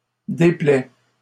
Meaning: third-person singular present indicative of déplaire
- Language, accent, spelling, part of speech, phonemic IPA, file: French, Canada, déplaît, verb, /de.plɛ/, LL-Q150 (fra)-déplaît.wav